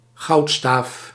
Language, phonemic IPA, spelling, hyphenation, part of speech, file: Dutch, /ˈɣɑu̯t.staːf/, goudstaaf, goud‧staaf, noun, Nl-goudstaaf.ogg
- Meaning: a bullion, a bar of gold